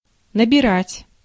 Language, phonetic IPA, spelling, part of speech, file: Russian, [nəbʲɪˈratʲ], набирать, verb, Ru-набирать.ogg
- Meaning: 1. to set up, to compose, to type (a text on a computer) 2. to gather; to pick; to collect; to assemble; to take (a lot of) 3. to take on; to enlist, to recruit; to engage; to enrol, to make up